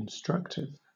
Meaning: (adjective) Conveying knowledge, information or instruction; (noun) A case in the Finnish and Estonian languages. It expresses the means or the instrument used to perform an action
- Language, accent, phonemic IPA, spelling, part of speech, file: English, Southern England, /ɪnˈstɹʌktɪv/, instructive, adjective / noun, LL-Q1860 (eng)-instructive.wav